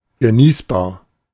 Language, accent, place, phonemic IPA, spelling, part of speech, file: German, Germany, Berlin, /ɡəˈniːsbaːɐ̯/, genießbar, adjective, De-genießbar.ogg
- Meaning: palatable